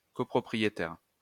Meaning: coowner
- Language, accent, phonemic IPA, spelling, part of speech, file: French, France, /kɔ.pʁɔ.pʁi.je.tɛʁ/, copropriétaire, noun, LL-Q150 (fra)-copropriétaire.wav